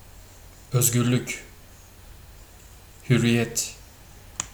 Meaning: 1. freedom, liberty 2. emancipation
- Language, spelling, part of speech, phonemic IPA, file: Turkish, hürriyet, noun, /hyɾ.ɾiˈjet/, Tr tr hürriyet.ogg